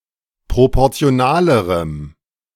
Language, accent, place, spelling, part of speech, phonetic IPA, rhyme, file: German, Germany, Berlin, proportionalerem, adjective, [ˌpʁopɔʁt͡si̯oˈnaːləʁəm], -aːləʁəm, De-proportionalerem.ogg
- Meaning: strong dative masculine/neuter singular comparative degree of proportional